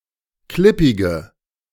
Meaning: inflection of klippig: 1. strong/mixed nominative/accusative feminine singular 2. strong nominative/accusative plural 3. weak nominative all-gender singular 4. weak accusative feminine/neuter singular
- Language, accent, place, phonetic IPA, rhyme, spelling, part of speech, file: German, Germany, Berlin, [ˈklɪpɪɡə], -ɪpɪɡə, klippige, adjective, De-klippige.ogg